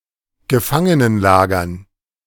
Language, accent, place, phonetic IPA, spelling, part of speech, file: German, Germany, Berlin, [ɡəˈfaŋənənˌlaːɡɐn], Gefangenenlagern, noun, De-Gefangenenlagern.ogg
- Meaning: dative plural of Gefangenenlager